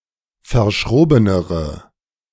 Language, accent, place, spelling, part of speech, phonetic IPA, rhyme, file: German, Germany, Berlin, verschrobenere, adjective, [fɐˈʃʁoːbənəʁə], -oːbənəʁə, De-verschrobenere.ogg
- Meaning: inflection of verschroben: 1. strong/mixed nominative/accusative feminine singular comparative degree 2. strong nominative/accusative plural comparative degree